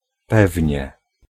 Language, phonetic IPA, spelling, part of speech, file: Polish, [ˈpɛvʲɲɛ], pewnie, adverb / particle / interjection, Pl-pewnie.ogg